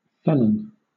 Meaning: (adjective) 1. Of a person or animal, their actions, thoughts, etc.: brutal, cruel, harsh, heartless; also, evil, wicked 2. Of a place: harsh, savage, wild; of a thing: deadly; harmful
- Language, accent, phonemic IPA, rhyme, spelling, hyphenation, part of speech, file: English, Southern England, /ˈfɛlən/, -ɛlən, felon, fel‧on, adjective / noun, LL-Q1860 (eng)-felon.wav